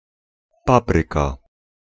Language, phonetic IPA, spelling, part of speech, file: Polish, [ˈpaprɨka], papryka, noun, Pl-papryka.ogg